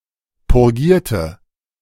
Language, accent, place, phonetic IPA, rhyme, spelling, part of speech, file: German, Germany, Berlin, [pʊʁˈɡiːɐ̯tə], -iːɐ̯tə, purgierte, adjective / verb, De-purgierte.ogg
- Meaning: inflection of purgieren: 1. first/third-person singular preterite 2. first/third-person singular subjunctive II